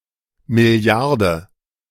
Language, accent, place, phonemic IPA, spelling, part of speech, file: German, Germany, Berlin, /mɪˈli̯aʁdə/, Milliarde, noun, De-Milliarde.ogg
- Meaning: billion (10⁹)